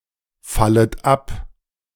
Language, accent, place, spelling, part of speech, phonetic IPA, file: German, Germany, Berlin, fallet ab, verb, [ˌfalət ˈap], De-fallet ab.ogg
- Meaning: second-person plural subjunctive I of abfallen